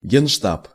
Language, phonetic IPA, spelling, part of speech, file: Russian, [ˌɡʲenˈʂtap], генштаб, noun, Ru-генштаб.ogg
- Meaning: general staff, joint staff; general headquarters